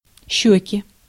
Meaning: nominative/accusative plural of щека́ (ščeká)
- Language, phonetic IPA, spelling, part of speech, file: Russian, [ˈɕːɵkʲɪ], щёки, noun, Ru-щёки.ogg